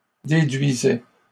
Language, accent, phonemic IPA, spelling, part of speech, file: French, Canada, /de.dɥi.zɛ/, déduisais, verb, LL-Q150 (fra)-déduisais.wav
- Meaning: first/second-person singular imperfect indicative of déduire